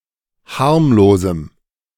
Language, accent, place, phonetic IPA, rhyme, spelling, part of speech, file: German, Germany, Berlin, [ˈhaʁmloːzm̩], -aʁmloːzm̩, harmlosem, adjective, De-harmlosem.ogg
- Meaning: strong dative masculine/neuter singular of harmlos